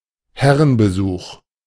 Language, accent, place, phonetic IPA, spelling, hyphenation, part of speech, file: German, Germany, Berlin, [ˈhɛʁənbəˌzuːx], Herrenbesuch, Her‧ren‧be‧such, noun, De-Herrenbesuch.ogg
- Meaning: visit by a man